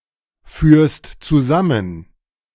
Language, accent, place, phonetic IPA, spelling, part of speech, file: German, Germany, Berlin, [ˌfyːɐ̯st t͡suˈzamən], führst zusammen, verb, De-führst zusammen.ogg
- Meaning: second-person singular present of zusammenführen